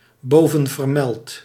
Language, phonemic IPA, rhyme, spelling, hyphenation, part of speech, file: Dutch, /ˌboː.və(n).vərˈmɛlt/, -ɛlt, bovenvermeld, bo‧ven‧ver‧meld, adjective, Nl-bovenvermeld.ogg
- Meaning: synonym of bovengenoemd